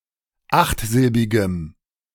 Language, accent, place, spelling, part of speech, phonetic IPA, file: German, Germany, Berlin, achtsilbigem, adjective, [ˈaxtˌzɪlbɪɡəm], De-achtsilbigem.ogg
- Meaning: strong dative masculine/neuter singular of achtsilbig